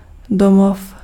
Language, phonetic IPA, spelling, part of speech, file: Czech, [ˈdomof], domov, noun, Cs-domov.ogg
- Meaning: home